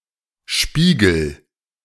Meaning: inflection of spiegeln: 1. first-person singular present 2. singular imperative
- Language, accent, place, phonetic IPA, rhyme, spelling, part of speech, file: German, Germany, Berlin, [ˈʃpiːɡl̩], -iːɡl̩, spiegel, verb, De-spiegel.ogg